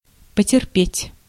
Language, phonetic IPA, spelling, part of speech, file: Russian, [pətʲɪrˈpʲetʲ], потерпеть, verb, Ru-потерпеть.ogg
- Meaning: 1. to be patient, to keep one's patience 2. to suffer 3. to suffer, to stand, to tolerate